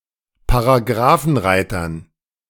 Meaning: dative plural of Paragrafenreiter
- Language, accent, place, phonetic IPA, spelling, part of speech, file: German, Germany, Berlin, [paʁaˈɡʁaːfn̩ˌʁaɪ̯tɐn], Paragrafenreitern, noun, De-Paragrafenreitern.ogg